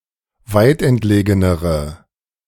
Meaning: inflection of weitentlegen: 1. strong/mixed nominative/accusative feminine singular comparative degree 2. strong nominative/accusative plural comparative degree
- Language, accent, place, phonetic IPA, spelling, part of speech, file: German, Germany, Berlin, [ˈvaɪ̯tʔɛntˌleːɡənəʁə], weitentlegenere, adjective, De-weitentlegenere.ogg